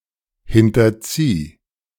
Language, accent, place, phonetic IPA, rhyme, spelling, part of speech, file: German, Germany, Berlin, [ˌhɪntɐˈt͡siː], -iː, hinterzieh, verb, De-hinterzieh.ogg
- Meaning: singular imperative of hinterziehen